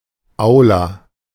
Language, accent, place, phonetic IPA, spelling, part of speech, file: German, Germany, Berlin, [ˈʔaʊ̯la], Aula, noun, De-Aula.ogg
- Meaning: the auditorium of a school or university